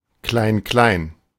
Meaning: irrelevant details; trifle
- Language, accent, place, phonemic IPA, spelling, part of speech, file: German, Germany, Berlin, /ˈklaɪ̯nˈklaɪ̯n/, Klein-Klein, noun, De-Klein-Klein.ogg